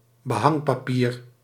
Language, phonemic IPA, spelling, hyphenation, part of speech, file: Dutch, /bəˈɦɑŋ.paːˌpiːr/, behangpapier, be‧hang‧pa‧pier, noun, Nl-behangpapier.ogg
- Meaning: wallpaper (decorative paper to hang on walls)